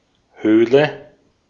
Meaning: 1. cave 2. cavity (of the body)
- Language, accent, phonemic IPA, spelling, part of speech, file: German, Austria, /ˈhøːlə/, Höhle, noun, De-at-Höhle.ogg